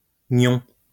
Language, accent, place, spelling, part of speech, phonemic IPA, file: French, France, Lyon, gnon, noun, /ɲɔ̃/, LL-Q150 (fra)-gnon.wav
- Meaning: 1. bash, blow 2. dent